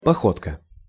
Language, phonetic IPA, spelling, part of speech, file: Russian, [pɐˈxotkə], походка, noun, Ru-походка.ogg
- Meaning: gait, walk (manner of walking)